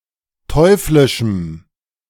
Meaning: strong dative masculine/neuter singular of teuflisch
- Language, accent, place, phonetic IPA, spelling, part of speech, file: German, Germany, Berlin, [ˈtɔɪ̯flɪʃm̩], teuflischem, adjective, De-teuflischem.ogg